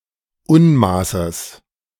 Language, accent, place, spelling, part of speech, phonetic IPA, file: German, Germany, Berlin, Unmaßes, noun, [ˈʊnˌmaːsəs], De-Unmaßes.ogg
- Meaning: genitive of Unmaß